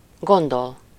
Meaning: 1. to think something, to have some opinion (with -ról/-ről) 2. to think, guess, reckon in some way
- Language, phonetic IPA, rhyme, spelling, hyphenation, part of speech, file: Hungarian, [ˈɡondol], -ol, gondol, gon‧dol, verb, Hu-gondol.ogg